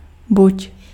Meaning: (conjunction) either; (verb) 1. second-person singular imperative of být 2. second-person singular imperative of budit
- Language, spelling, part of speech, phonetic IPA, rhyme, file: Czech, buď, conjunction / verb, [ˈbuc], -uc, Cs-buď.ogg